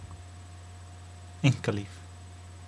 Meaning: private life
- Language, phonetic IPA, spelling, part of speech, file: Icelandic, [ˈeiŋ̊kaˌliːv], einkalíf, noun, Is-einkalíf.oga